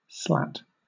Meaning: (noun) A thin, narrow strip or bar of wood (lath), metal, or plastic
- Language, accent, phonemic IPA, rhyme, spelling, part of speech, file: English, Southern England, /slæt/, -æt, slat, noun / verb, LL-Q1860 (eng)-slat.wav